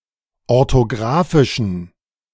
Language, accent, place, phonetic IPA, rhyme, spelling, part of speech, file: German, Germany, Berlin, [ɔʁtoˈɡʁaːfɪʃn̩], -aːfɪʃn̩, orthografischen, adjective, De-orthografischen.ogg
- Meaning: inflection of orthografisch: 1. strong genitive masculine/neuter singular 2. weak/mixed genitive/dative all-gender singular 3. strong/weak/mixed accusative masculine singular 4. strong dative plural